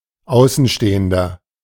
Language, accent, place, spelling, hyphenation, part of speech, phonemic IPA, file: German, Germany, Berlin, Außenstehender, Au‧ßen‧ste‧hen‧der, noun, /ˈaʊ̯sn̩ˌʃteːəndɐ/, De-Außenstehender.ogg
- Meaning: 1. outsider (male or of unspecified gender) 2. inflection of Außenstehende: strong genitive/dative singular 3. inflection of Außenstehende: strong genitive plural